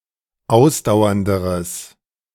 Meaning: strong/mixed nominative/accusative neuter singular comparative degree of ausdauernd
- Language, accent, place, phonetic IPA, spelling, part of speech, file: German, Germany, Berlin, [ˈaʊ̯sdaʊ̯ɐndəʁəs], ausdauernderes, adjective, De-ausdauernderes.ogg